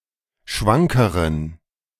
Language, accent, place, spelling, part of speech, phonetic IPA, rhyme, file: German, Germany, Berlin, schwankeren, adjective, [ˈʃvaŋkəʁən], -aŋkəʁən, De-schwankeren.ogg
- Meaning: inflection of schwank: 1. strong genitive masculine/neuter singular comparative degree 2. weak/mixed genitive/dative all-gender singular comparative degree